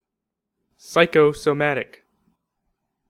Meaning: 1. Pertaining to physical diseases, symptoms, etc. which have mental causes 2. Pertaining to both the mind and the body
- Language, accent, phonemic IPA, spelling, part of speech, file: English, US, /ˌsaɪkoʊsəˈmædɪk/, psychosomatic, adjective, En-us-psychosomatic.ogg